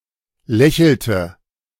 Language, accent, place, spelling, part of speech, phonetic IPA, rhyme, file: German, Germany, Berlin, lächelte, verb, [ˈlɛçl̩tə], -ɛçl̩tə, De-lächelte.ogg
- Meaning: inflection of lächeln: 1. first/third-person singular preterite 2. first/third-person singular subjunctive II